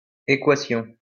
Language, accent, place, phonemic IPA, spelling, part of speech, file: French, France, Lyon, /e.kwa.sjɔ̃/, æquation, noun, LL-Q150 (fra)-æquation.wav
- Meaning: obsolete form of équation